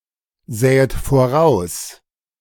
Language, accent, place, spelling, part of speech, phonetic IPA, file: German, Germany, Berlin, sähet voraus, verb, [ˌzɛːət foˈʁaʊ̯s], De-sähet voraus.ogg
- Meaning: second-person plural subjunctive II of voraussehen